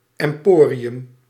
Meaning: emporium (trading centre)
- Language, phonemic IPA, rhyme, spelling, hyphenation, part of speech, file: Dutch, /ˌɛmˈpoːriʏm/, -oːriʏm, emporium, em‧po‧ri‧um, noun, Nl-emporium.ogg